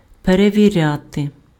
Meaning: 1. to check, to verify, to test (ascertain the presence, quality or accuracy of) 2. to scrutinize 3. to audit
- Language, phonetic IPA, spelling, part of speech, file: Ukrainian, [pereʋʲiˈrʲate], перевіряти, verb, Uk-перевіряти.ogg